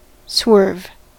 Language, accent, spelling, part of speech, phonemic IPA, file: English, US, swerve, verb / noun, /swɝv/, En-us-swerve.ogg
- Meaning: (verb) 1. To stray; to wander; to rove 2. To go out of a straight line; to deflect